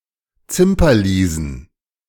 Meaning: plural of Zimperliese
- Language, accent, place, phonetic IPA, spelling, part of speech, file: German, Germany, Berlin, [ˈt͡sɪmpɐˌliːzn̩], Zimperliesen, noun, De-Zimperliesen.ogg